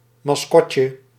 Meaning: diminutive of mascotte
- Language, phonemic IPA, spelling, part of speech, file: Dutch, /mɑsˈkɔcə/, mascotje, noun, Nl-mascotje.ogg